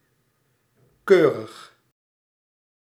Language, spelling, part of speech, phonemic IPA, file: Dutch, keurig, adjective / adverb, /ˈkørəx/, Nl-keurig.ogg
- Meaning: proper, decorous